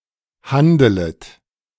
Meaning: second-person plural subjunctive I of handeln
- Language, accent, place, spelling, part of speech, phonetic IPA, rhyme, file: German, Germany, Berlin, handelet, verb, [ˈhandələt], -andələt, De-handelet.ogg